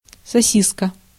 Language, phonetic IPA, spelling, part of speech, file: Russian, [sɐˈsʲiskə], сосиска, noun, Ru-сосиска.ogg
- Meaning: sausage, wiener, frankfurter, hot dog